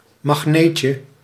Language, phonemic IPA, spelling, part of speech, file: Dutch, /mɑxˈnecə/, magneetje, noun, Nl-magneetje.ogg
- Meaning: diminutive of magneet